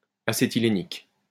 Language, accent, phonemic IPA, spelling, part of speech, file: French, France, /a.se.ti.le.nik/, acétylénique, adjective, LL-Q150 (fra)-acétylénique.wav
- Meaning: acetylenic